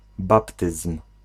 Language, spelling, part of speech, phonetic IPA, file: Polish, baptyzm, noun, [ˈbaptɨsm̥], Pl-baptyzm.ogg